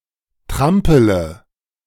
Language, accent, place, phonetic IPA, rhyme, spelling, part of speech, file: German, Germany, Berlin, [ˈtʁampələ], -ampələ, trampele, verb, De-trampele.ogg
- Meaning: inflection of trampeln: 1. first-person singular present 2. singular imperative 3. first/third-person singular subjunctive I